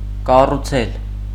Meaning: to build, construct
- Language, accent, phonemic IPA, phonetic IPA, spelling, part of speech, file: Armenian, Eastern Armenian, /kɑruˈt͡sʰel/, [kɑrut͡sʰél], կառուցել, verb, Hy-կառուցել.ogg